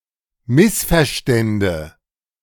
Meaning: first/third-person singular subjunctive II of missverstehen
- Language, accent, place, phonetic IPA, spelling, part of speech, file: German, Germany, Berlin, [ˈmɪsfɛɐ̯ˌʃtɛndə], missverstände, verb, De-missverstände.ogg